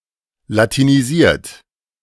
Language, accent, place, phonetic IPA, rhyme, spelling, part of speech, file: German, Germany, Berlin, [latiniˈziːɐ̯t], -iːɐ̯t, latinisiert, verb, De-latinisiert.ogg
- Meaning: 1. past participle of latinisieren 2. inflection of latinisieren: third-person singular present 3. inflection of latinisieren: second-person plural present